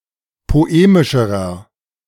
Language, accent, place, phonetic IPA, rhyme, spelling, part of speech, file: German, Germany, Berlin, [poˈeːmɪʃəʁɐ], -eːmɪʃəʁɐ, poemischerer, adjective, De-poemischerer.ogg
- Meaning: inflection of poemisch: 1. strong/mixed nominative masculine singular comparative degree 2. strong genitive/dative feminine singular comparative degree 3. strong genitive plural comparative degree